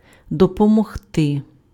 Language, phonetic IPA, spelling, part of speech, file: Ukrainian, [dɔpɔmɔɦˈtɪ], допомогти, verb, Uk-допомогти.ogg
- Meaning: to help, to assist